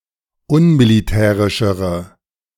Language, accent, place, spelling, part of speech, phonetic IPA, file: German, Germany, Berlin, unmilitärischere, adjective, [ˈʊnmiliˌtɛːʁɪʃəʁə], De-unmilitärischere.ogg
- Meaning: inflection of unmilitärisch: 1. strong/mixed nominative/accusative feminine singular comparative degree 2. strong nominative/accusative plural comparative degree